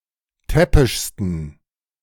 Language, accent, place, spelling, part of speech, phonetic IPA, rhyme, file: German, Germany, Berlin, täppischsten, adjective, [ˈtɛpɪʃstn̩], -ɛpɪʃstn̩, De-täppischsten.ogg
- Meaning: 1. superlative degree of täppisch 2. inflection of täppisch: strong genitive masculine/neuter singular superlative degree